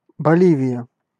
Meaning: Bolivia (a country in South America)
- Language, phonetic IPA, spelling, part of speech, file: Russian, [bɐˈlʲivʲɪjə], Боливия, proper noun, Ru-Боливия.ogg